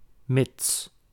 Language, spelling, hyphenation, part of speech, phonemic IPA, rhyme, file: Dutch, mits, mits, conjunction / preposition, /mɪts/, -ɪts, Nl-mits.ogg
- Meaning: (conjunction) provided that, as long as; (preposition) provided that there is also, on the condition of